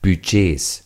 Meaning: 1. plural of Budget 2. genitive singular of Budget
- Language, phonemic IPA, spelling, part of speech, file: German, /byˈdʒeːs/, Budgets, noun, De-Budgets.ogg